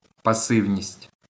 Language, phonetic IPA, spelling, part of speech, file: Ukrainian, [pɐˈsɪu̯nʲisʲtʲ], пасивність, noun, LL-Q8798 (ukr)-пасивність.wav
- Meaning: passivity, passiveness